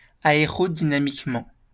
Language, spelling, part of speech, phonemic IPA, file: French, aérodynamiquement, adverb, /a.e.ʁɔ.di.na.mik.mɑ̃/, LL-Q150 (fra)-aérodynamiquement.wav
- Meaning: aerodynamically